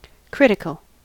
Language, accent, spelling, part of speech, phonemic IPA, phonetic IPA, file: English, US, critical, adjective / noun, /ˈkɹɪt.ɪ.kəl/, [ˈkɹɪɾ.ɪ.kəl], En-us-critical.ogg
- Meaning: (adjective) 1. Inclined to find fault or criticize 2. Pertaining to, or indicating, a crisis or turning point 3. Extremely important